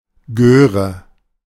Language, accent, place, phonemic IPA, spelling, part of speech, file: German, Germany, Berlin, /ˈɡøːʁə/, Göre, noun, De-Göre.ogg
- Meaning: cheeky young child, brat